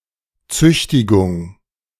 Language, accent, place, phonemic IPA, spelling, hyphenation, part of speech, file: German, Germany, Berlin, /ˈt͡sʏçtɪɡʊŋ/, Züchtigung, Züch‧ti‧gung, noun, De-Züchtigung.ogg
- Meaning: corporal punishment